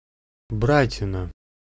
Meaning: bratina, a traditional Russian wooden or copper pitcher for dispensing beer or kvass at festivals or large dinners, wine bowl, loving cup
- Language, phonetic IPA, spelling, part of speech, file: Russian, [ˈbratʲɪnə], братина, noun, Ru-братина.ogg